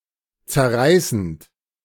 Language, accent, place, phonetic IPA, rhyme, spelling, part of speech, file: German, Germany, Berlin, [t͡sɛɐ̯ˈʁaɪ̯sn̩t], -aɪ̯sn̩t, zerreißend, verb, De-zerreißend.ogg
- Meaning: present participle of zerreißen